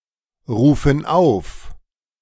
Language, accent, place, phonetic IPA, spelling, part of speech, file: German, Germany, Berlin, [ˌʁuːfn̩ ˈaʊ̯f], rufen auf, verb, De-rufen auf.ogg
- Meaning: inflection of aufrufen: 1. first/third-person plural present 2. first/third-person plural subjunctive I